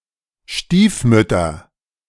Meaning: nominative/accusative/genitive plural of Stiefmutter
- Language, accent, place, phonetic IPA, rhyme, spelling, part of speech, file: German, Germany, Berlin, [ˈʃtiːfˌmʏtɐ], -iːfmʏtɐ, Stiefmütter, noun, De-Stiefmütter.ogg